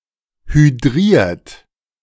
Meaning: 1. past participle of hydrieren 2. inflection of hydrieren: second-person plural present 3. inflection of hydrieren: third-person singular present 4. inflection of hydrieren: plural imperative
- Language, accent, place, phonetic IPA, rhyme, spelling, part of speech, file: German, Germany, Berlin, [hyˈdʁiːɐ̯t], -iːɐ̯t, hydriert, verb, De-hydriert.ogg